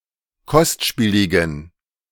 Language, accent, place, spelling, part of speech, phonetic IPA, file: German, Germany, Berlin, kostspieligen, adjective, [ˈkɔstˌʃpiːlɪɡn̩], De-kostspieligen.ogg
- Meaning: inflection of kostspielig: 1. strong genitive masculine/neuter singular 2. weak/mixed genitive/dative all-gender singular 3. strong/weak/mixed accusative masculine singular 4. strong dative plural